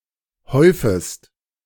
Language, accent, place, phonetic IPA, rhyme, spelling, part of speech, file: German, Germany, Berlin, [ˈhɔɪ̯fəst], -ɔɪ̯fəst, häufest, verb, De-häufest.ogg
- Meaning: second-person singular subjunctive I of häufen